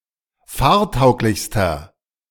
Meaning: inflection of fahrtauglich: 1. strong/mixed nominative masculine singular superlative degree 2. strong genitive/dative feminine singular superlative degree 3. strong genitive plural superlative degree
- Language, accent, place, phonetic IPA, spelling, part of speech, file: German, Germany, Berlin, [ˈfaːɐ̯ˌtaʊ̯klɪçstɐ], fahrtauglichster, adjective, De-fahrtauglichster.ogg